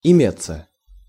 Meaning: 1. to be, to be present, to be available, to there is / there are 2. passive of име́ть (imétʹ)
- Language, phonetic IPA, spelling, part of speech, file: Russian, [ɪˈmʲet͡sːə], иметься, verb, Ru-иметься.ogg